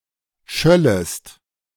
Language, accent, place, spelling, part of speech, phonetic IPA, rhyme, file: German, Germany, Berlin, schöllest, verb, [ˈʃœləst], -œləst, De-schöllest.ogg
- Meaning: second-person singular subjunctive II of schallen